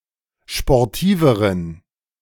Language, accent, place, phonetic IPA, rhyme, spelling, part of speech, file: German, Germany, Berlin, [ʃpɔʁˈtiːvəʁən], -iːvəʁən, sportiveren, adjective, De-sportiveren.ogg
- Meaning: inflection of sportiv: 1. strong genitive masculine/neuter singular comparative degree 2. weak/mixed genitive/dative all-gender singular comparative degree